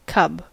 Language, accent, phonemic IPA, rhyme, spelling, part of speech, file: English, US, /kʌb/, -ʌb, cub, noun / verb, En-us-cub.ogg
- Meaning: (noun) 1. The young of certain animals, chiefly large carnivorous mammals, including the bear, wolf, fox, lion and tiger 2. A child, especially an awkward, rude, ill-mannered boy